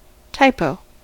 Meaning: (noun) A typographical error; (verb) To make a typographical error; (noun) 1. A compositor; a typographer 2. Alternative form of taipo
- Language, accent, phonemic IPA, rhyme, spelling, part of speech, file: English, US, /ˈtaɪpəʊ/, -aɪpəʊ, typo, noun / verb, En-us-typo.ogg